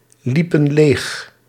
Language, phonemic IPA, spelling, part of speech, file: Dutch, /ˈlipə(n) ˈlex/, liepen leeg, verb, Nl-liepen leeg.ogg
- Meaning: inflection of leeglopen: 1. plural past indicative 2. plural past subjunctive